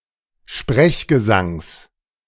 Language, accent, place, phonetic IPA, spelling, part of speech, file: German, Germany, Berlin, [ˈʃpʁɛçɡəˌzaŋs], Sprechgesangs, noun, De-Sprechgesangs.ogg
- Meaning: genitive singular of Sprechgesang